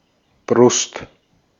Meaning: 1. chest 2. breast (of a woman); side of the chest (of a man) 3. bosom (seat of thoughts and feelings) 4. clipping of Brustschwimmen
- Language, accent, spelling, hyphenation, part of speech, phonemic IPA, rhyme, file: German, Austria, Brust, Brust, noun, /bʁʊst/, -ʊst, De-at-Brust.ogg